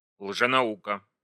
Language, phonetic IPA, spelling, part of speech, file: Russian, [ɫʐɨnɐˈukə], лженаука, noun, Ru-лженаука.ogg
- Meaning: pseudoscience